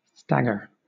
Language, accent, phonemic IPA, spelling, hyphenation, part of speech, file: English, Southern England, /ˈstæɡə/, stagger, stag‧ger, noun / verb, LL-Q1860 (eng)-stagger.wav
- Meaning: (noun) An unsteady movement of the body in walking or standing as if one were about to fall; a reeling motion